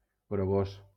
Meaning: yellowish
- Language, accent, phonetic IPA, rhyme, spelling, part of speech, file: Catalan, Valencia, [ɡɾoˈɣos], -os, grogós, adjective, LL-Q7026 (cat)-grogós.wav